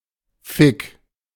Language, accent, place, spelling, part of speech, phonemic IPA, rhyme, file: German, Germany, Berlin, Fick, noun, /fɪk/, -ɪk, De-Fick.ogg
- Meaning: 1. fuck (sexual act) 2. fuck (sexual partner)